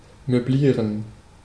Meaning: to furnish
- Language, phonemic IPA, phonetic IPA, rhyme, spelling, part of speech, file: German, /møˈbliːʁən/, [møˈbliːɐ̯n], -iːʁən, möblieren, verb, De-möblieren.ogg